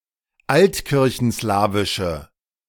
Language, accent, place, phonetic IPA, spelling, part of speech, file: German, Germany, Berlin, [ˈaltkɪʁçn̩ˌslaːvɪʃə], altkirchenslawische, adjective, De-altkirchenslawische.ogg
- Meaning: inflection of altkirchenslawisch: 1. strong/mixed nominative/accusative feminine singular 2. strong nominative/accusative plural 3. weak nominative all-gender singular